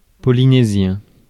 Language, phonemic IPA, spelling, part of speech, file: French, /pɔ.li.ne.zjɛ̃/, polynésien, adjective, Fr-polynésien.ogg
- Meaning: of Polynesia; Polynesian